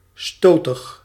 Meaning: prone to goring (of cattle)
- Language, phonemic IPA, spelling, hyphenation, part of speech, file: Dutch, /ˈstoː.təx/, stotig, sto‧tig, adjective, Nl-stotig.ogg